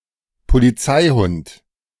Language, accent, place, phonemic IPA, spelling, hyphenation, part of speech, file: German, Germany, Berlin, /poliˈt͡saɪ̯ˌhʊnt/, Polizeihund, Po‧li‧zei‧hund, noun, De-Polizeihund.ogg
- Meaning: police dog